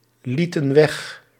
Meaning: inflection of weglaten: 1. plural past indicative 2. plural past subjunctive
- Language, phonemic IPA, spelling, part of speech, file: Dutch, /ˈlitə(n) ˈwɛx/, lieten weg, verb, Nl-lieten weg.ogg